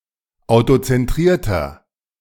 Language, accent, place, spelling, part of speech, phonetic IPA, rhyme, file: German, Germany, Berlin, autozentrierter, adjective, [aʊ̯tot͡sɛnˈtʁiːɐ̯tɐ], -iːɐ̯tɐ, De-autozentrierter.ogg
- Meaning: inflection of autozentriert: 1. strong/mixed nominative masculine singular 2. strong genitive/dative feminine singular 3. strong genitive plural